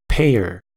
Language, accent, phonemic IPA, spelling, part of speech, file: English, US, /ˈpeɪ.ɚ/, payer, noun, En-us-payer.ogg
- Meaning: One who pays; specifically, the person by whom a bill or note has been, or should be, paid